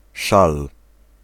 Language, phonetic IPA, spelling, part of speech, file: Polish, [ʃal], szal, noun, Pl-szal.ogg